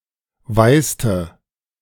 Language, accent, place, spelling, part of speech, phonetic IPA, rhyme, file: German, Germany, Berlin, weißte, verb, [ˈvaɪ̯stə], -aɪ̯stə, De-weißte.ogg
- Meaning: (verb) inflection of weißen: 1. first/third-person singular preterite 2. first/third-person singular subjunctive II; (contraction) y'know; contraction of weißt du